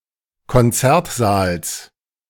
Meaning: genitive of Konzertsaal
- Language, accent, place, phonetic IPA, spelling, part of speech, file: German, Germany, Berlin, [kɔnˈt͡sɛʁtˌzaːls], Konzertsaals, noun, De-Konzertsaals.ogg